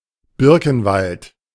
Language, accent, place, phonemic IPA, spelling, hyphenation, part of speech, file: German, Germany, Berlin, /ˈbɪʁkənˌvalt/, Birkenwald, Bir‧ken‧wald, noun, De-Birkenwald.ogg
- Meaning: birch tree forest, birchwood